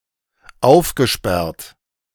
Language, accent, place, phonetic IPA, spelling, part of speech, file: German, Germany, Berlin, [ˈaʊ̯fɡəˌʃpɛʁt], aufgesperrt, verb, De-aufgesperrt.ogg
- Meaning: past participle of aufsperren